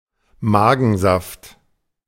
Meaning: gastric juice
- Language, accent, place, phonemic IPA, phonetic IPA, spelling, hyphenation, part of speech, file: German, Germany, Berlin, /ˈmaːɡənˌzaft/, [ˈmaːɡn̩ˌzaft], Magensaft, Ma‧gen‧saft, noun, De-Magensaft.ogg